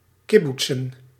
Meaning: plural of kibboets
- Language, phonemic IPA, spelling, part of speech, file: Dutch, /ˈkɪbutsə(n)/, kibboetsen, noun, Nl-kibboetsen.ogg